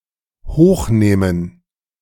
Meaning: 1. to take upstairs; to take to an elevated place 2. to lift (something) up, especially momentarily, in order to see what is under it or put something beneath it
- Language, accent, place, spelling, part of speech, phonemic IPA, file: German, Germany, Berlin, hochnehmen, verb, /ˈhoːxˌneːmən/, De-hochnehmen.ogg